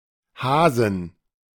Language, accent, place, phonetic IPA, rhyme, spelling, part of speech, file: German, Germany, Berlin, [ˈhaːzn̩], -aːzn̩, Hasen, noun, De-Hasen.ogg
- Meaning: inflection of Hase: 1. genitive/dative/accusative singular 2. nominative/genitive/dative/accusative plural